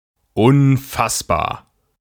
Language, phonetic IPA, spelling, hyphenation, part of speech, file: German, [ʊnˈfasbaːɐ̯], unfassbar, un‧fass‧bar, adjective, De-unfassbar.ogg
- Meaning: incomprehensible, inconceivable